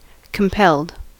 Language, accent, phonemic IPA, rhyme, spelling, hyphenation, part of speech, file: English, US, /kəmˈpɛld/, -ɛld, compelled, com‧pelled, adjective / verb, En-us-compelled.ogg
- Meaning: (adjective) Driven; forced; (verb) simple past and past participle of compel